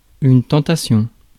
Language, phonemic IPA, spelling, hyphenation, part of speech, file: French, /tɑ̃.ta.sjɔ̃/, tentation, ten‧ta‧tion, noun, Fr-tentation.ogg
- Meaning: temptation